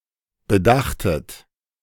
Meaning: second-person plural preterite of bedenken
- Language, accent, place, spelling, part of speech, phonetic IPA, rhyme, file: German, Germany, Berlin, bedachtet, verb, [bəˈdaxtət], -axtət, De-bedachtet.ogg